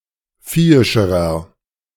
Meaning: inflection of viehisch: 1. strong/mixed nominative masculine singular comparative degree 2. strong genitive/dative feminine singular comparative degree 3. strong genitive plural comparative degree
- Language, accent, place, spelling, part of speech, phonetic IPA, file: German, Germany, Berlin, viehischerer, adjective, [ˈfiːɪʃəʁɐ], De-viehischerer.ogg